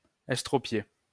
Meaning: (verb) past participle of estropier; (adjective) maimed, crippled; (noun) cripple
- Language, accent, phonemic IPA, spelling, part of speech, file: French, France, /ɛs.tʁɔ.pje/, estropié, verb / adjective / noun, LL-Q150 (fra)-estropié.wav